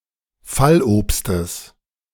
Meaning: genitive singular of Fallobst
- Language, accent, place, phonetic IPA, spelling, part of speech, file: German, Germany, Berlin, [ˈfalˌʔoːpstəs], Fallobstes, noun, De-Fallobstes.ogg